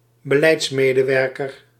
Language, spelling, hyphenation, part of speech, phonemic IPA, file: Dutch, beleidsmedewerker, be‧leids‧me‧de‧wer‧ker, noun, /bəˈlɛi̯tsˌmeː.də.ʋɛr.kər/, Nl-beleidsmedewerker.ogg
- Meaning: policy worker (someone employed to (co)develop policy)